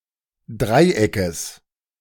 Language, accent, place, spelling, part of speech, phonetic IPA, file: German, Germany, Berlin, Dreieckes, noun, [ˈdʁaɪ̯ˌʔɛkəs], De-Dreieckes.ogg
- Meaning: genitive singular of Dreieck